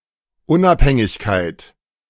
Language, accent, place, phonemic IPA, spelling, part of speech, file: German, Germany, Berlin, /ˈʊnʔaphɛŋɪçkaɪ̯t/, Unabhängigkeit, noun, De-Unabhängigkeit.ogg
- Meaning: independence